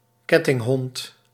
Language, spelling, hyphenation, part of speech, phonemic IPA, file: Dutch, kettinghond, ket‧ting‧hond, noun, /ˈkɛ.tɪŋˌɦɔnt/, Nl-kettinghond.ogg
- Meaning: a chained dog